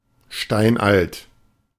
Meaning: ancient
- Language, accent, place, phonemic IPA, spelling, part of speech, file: German, Germany, Berlin, /ˈʃtaɪ̯nʔalt/, steinalt, adjective, De-steinalt.ogg